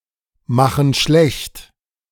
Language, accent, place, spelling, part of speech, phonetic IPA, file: German, Germany, Berlin, machen schlecht, verb, [ˌmaxn̩ ˈʃlɛçt], De-machen schlecht.ogg
- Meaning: inflection of schlechtmachen: 1. first/third-person plural present 2. first/third-person plural subjunctive I